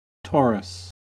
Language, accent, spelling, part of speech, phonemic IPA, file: English, US, Taurus, proper noun / noun, /ˈtɑɹəs/, En-us-Taurus.ogg
- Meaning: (proper noun) A constellation of the zodiac traditionally figured in the shape of a bull and containing the star Aldebaran